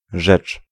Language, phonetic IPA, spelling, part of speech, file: Polish, [ʒɛt͡ʃ], rzecz, noun / verb, Pl-rzecz.ogg